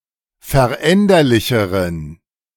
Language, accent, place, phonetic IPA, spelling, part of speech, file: German, Germany, Berlin, [fɛɐ̯ˈʔɛndɐlɪçəʁən], veränderlicheren, adjective, De-veränderlicheren.ogg
- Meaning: inflection of veränderlich: 1. strong genitive masculine/neuter singular comparative degree 2. weak/mixed genitive/dative all-gender singular comparative degree